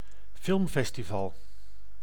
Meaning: film festival
- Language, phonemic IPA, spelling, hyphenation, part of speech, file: Dutch, /ˈfɪlᵊmˌfɛstiˌvɑl/, filmfestival, film‧fes‧ti‧val, noun, Nl-filmfestival.ogg